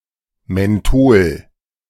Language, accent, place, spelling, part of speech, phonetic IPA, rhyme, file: German, Germany, Berlin, Menthol, noun, [mɛnˈtoːl], -oːl, De-Menthol.ogg
- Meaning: menthol